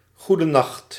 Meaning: good night
- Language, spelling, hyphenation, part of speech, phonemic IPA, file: Dutch, goedenacht, goe‧de‧nacht, interjection, /ˌɣu.dəˈnɑxt/, Nl-goedenacht.ogg